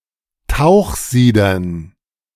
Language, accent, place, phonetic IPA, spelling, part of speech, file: German, Germany, Berlin, [ˈtaʊ̯xˌziːdɐn], Tauchsiedern, noun, De-Tauchsiedern.ogg
- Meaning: dative plural of Tauchsieder